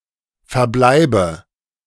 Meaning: dative of Verbleib
- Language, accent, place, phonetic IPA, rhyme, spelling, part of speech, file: German, Germany, Berlin, [fɛɐ̯ˈblaɪ̯bə], -aɪ̯bə, Verbleibe, noun, De-Verbleibe.ogg